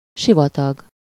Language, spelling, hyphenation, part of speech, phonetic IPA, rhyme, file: Hungarian, sivatag, si‧va‧tag, noun, [ˈʃivɒtɒɡ], -ɒɡ, Hu-sivatag.ogg
- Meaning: desert (barren area)